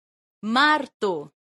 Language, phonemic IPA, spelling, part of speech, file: Esperanto, /ˈmarto/, marto, noun, Eo-marto.ogg